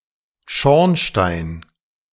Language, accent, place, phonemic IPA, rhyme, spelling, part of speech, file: German, Germany, Berlin, /ˈʃɔʁnˌʃtaɪ̯n/, -aɪ̯n, Schornstein, noun, De-Schornstein.ogg
- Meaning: chimney